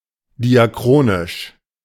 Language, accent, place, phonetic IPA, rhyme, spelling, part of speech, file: German, Germany, Berlin, [diaˈkʁoːnɪʃ], -oːnɪʃ, diachronisch, adjective, De-diachronisch.ogg
- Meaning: diachronic